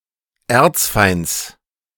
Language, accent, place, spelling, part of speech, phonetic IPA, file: German, Germany, Berlin, Erzfeinds, noun, [ˈɛɐ̯t͡sˌfaɪ̯nt͡s], De-Erzfeinds.ogg
- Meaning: genitive singular of Erzfeind